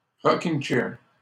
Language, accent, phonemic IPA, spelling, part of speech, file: French, Canada, /ʁɔ.kiŋ (t)ʃɛʁ/, rocking-chair, noun, LL-Q150 (fra)-rocking-chair.wav
- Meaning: rocking chair